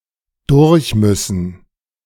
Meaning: to have to go through (somewhere or something)
- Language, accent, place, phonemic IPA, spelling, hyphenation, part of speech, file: German, Germany, Berlin, /ˈdʊʁçˌmʏsn̩/, durchmüssen, durch‧müs‧sen, verb, De-durchmüssen.ogg